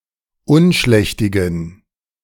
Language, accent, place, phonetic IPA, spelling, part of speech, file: German, Germany, Berlin, [ˈʊnˌʃlɛçtɪɡn̩], unschlächtigen, adjective, De-unschlächtigen.ogg
- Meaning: inflection of unschlächtig: 1. strong genitive masculine/neuter singular 2. weak/mixed genitive/dative all-gender singular 3. strong/weak/mixed accusative masculine singular 4. strong dative plural